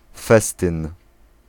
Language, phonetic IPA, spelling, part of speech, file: Polish, [ˈfɛstɨ̃n], festyn, noun, Pl-festyn.ogg